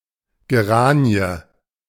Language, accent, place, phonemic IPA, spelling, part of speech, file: German, Germany, Berlin, /ɡeˈʁaːni̯ə/, Geranie, noun, De-Geranie.ogg
- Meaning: 1. synonym of Pelargonie (plant of the genus Pelargonium) 2. synonym of Storchschnabel (plant of the genus Geranium, true geranium)